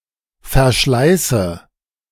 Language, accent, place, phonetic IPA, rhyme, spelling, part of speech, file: German, Germany, Berlin, [fɛɐ̯ˈʃlaɪ̯sə], -aɪ̯sə, verschleiße, verb, De-verschleiße.ogg
- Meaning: inflection of verschleißen: 1. first-person singular present 2. first/third-person singular subjunctive I 3. singular imperative